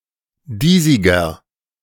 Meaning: 1. comparative degree of diesig 2. inflection of diesig: strong/mixed nominative masculine singular 3. inflection of diesig: strong genitive/dative feminine singular
- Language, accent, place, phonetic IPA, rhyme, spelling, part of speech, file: German, Germany, Berlin, [ˈdiːzɪɡɐ], -iːzɪɡɐ, diesiger, adjective, De-diesiger.ogg